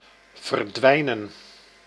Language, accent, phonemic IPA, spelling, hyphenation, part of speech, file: Dutch, Netherlands, /vərˈdʋɛi̯.nə(n)/, verdwijnen, ver‧dwij‧nen, verb, Nl-verdwijnen.ogg
- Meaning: 1. to disappear 2. to dwindle